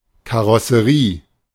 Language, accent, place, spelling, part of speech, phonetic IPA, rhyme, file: German, Germany, Berlin, Karosserie, noun, [kaʁɔsəˈʁiː], -iː, De-Karosserie.ogg
- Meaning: body